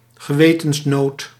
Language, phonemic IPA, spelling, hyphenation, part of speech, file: Dutch, /ɣəˈʋeː.tənsˌnoːt/, gewetensnood, ge‧we‧tens‧nood, noun, Nl-gewetensnood.ogg
- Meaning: crisis of conscience